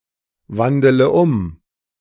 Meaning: inflection of umwandeln: 1. first-person singular present 2. first-person plural subjunctive I 3. third-person singular subjunctive I 4. singular imperative
- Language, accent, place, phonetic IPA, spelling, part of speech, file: German, Germany, Berlin, [ˌvandələ ˈʊm], wandele um, verb, De-wandele um.ogg